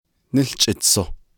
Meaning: December
- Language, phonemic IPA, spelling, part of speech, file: Navajo, /nɪ́ɬt͡ʃʼɪ̀t͡sʰòh/, Níłchʼitsoh, noun, Nv-Níłchʼitsoh.ogg